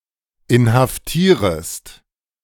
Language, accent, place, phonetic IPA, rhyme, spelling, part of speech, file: German, Germany, Berlin, [ɪnhafˈtiːʁəst], -iːʁəst, inhaftierest, verb, De-inhaftierest.ogg
- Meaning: second-person singular subjunctive I of inhaftieren